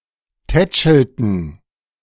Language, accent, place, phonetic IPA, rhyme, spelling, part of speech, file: German, Germany, Berlin, [ˈtɛt͡ʃl̩tn̩], -ɛt͡ʃl̩tn̩, tätschelten, verb, De-tätschelten.ogg
- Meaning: inflection of tätscheln: 1. first/third-person plural preterite 2. first/third-person plural subjunctive II